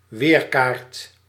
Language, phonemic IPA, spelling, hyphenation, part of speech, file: Dutch, /ˈwerkart/, weerkaart, weer‧kaart, noun, Nl-weerkaart.ogg
- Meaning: weather map, weather chart